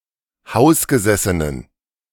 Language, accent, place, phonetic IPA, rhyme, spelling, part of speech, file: German, Germany, Berlin, [ˈhaʊ̯sɡəˌzɛsənən], -aʊ̯sɡəzɛsənən, hausgesessenen, adjective, De-hausgesessenen.ogg
- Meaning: inflection of hausgesessen: 1. strong genitive masculine/neuter singular 2. weak/mixed genitive/dative all-gender singular 3. strong/weak/mixed accusative masculine singular 4. strong dative plural